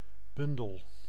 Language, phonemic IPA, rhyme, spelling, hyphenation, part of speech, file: Dutch, /ˈbʏn.dəl/, -ʏndəl, bundel, bun‧del, noun / verb, Nl-bundel.ogg
- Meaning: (noun) 1. bundle 2. edition of collected literary works 3. any collection of products or services offered together; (verb) inflection of bundelen: first-person singular present indicative